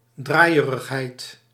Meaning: dizziness
- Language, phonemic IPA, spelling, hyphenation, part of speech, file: Dutch, /ˈdraːi̯.ə.rəxˌɦɛi̯t/, draaierigheid, draai‧e‧rig‧heid, noun, Nl-draaierigheid.ogg